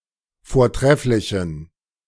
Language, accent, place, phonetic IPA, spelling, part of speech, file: German, Germany, Berlin, [foːɐ̯ˈtʁɛflɪçn̩], vortrefflichen, adjective, De-vortrefflichen.ogg
- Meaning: inflection of vortrefflich: 1. strong genitive masculine/neuter singular 2. weak/mixed genitive/dative all-gender singular 3. strong/weak/mixed accusative masculine singular 4. strong dative plural